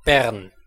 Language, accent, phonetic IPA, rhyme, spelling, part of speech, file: German, Switzerland, [bɛʁn], -ɛʁn, Bern, proper noun, De-Bern.ogg
- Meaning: 1. Bern (the capital city of Switzerland; the capital city of Bern canton) 2. Bern (a canton of Switzerland)